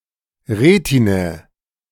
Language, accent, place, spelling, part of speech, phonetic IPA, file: German, Germany, Berlin, Retinae, noun, [ˈʁeːtinɛ], De-Retinae.ogg
- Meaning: nominative/accusative/genitive/dative plural of Retina